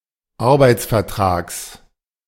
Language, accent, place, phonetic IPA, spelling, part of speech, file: German, Germany, Berlin, [ˈaʁbaɪ̯t͡sfɛɐ̯ˌtʁaːks], Arbeitsvertrags, noun, De-Arbeitsvertrags.ogg
- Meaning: genitive singular of Arbeitsvertrag